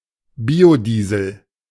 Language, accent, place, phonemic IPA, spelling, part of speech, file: German, Germany, Berlin, /ˈbiːoˌdiːzl̩/, Biodiesel, noun, De-Biodiesel.ogg
- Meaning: biodiesel